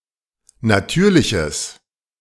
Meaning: strong/mixed nominative/accusative neuter singular of natürlich
- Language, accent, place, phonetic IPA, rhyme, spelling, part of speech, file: German, Germany, Berlin, [naˈtyːɐ̯lɪçəs], -yːɐ̯lɪçəs, natürliches, adjective, De-natürliches.ogg